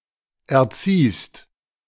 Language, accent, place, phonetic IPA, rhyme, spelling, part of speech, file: German, Germany, Berlin, [ɛɐ̯ˈt͡siːst], -iːst, erziehst, verb, De-erziehst.ogg
- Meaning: second-person singular present of erziehen